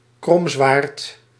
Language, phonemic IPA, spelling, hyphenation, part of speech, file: Dutch, /ˈkrɔm.zʋaːrt/, kromzwaard, krom‧zwaard, noun, Nl-kromzwaard.ogg
- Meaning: scimitar